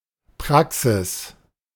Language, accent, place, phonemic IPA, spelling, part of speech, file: German, Germany, Berlin, /ˈpʁaksɪs/, Praxis, noun, De-Praxis.ogg
- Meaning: 1. practice, experience 2. practice, praxis (opposite of theory) 3. surgery (UK), doctor's office (US), practice (UK, South Africa) (workplace of a self-employed doctor)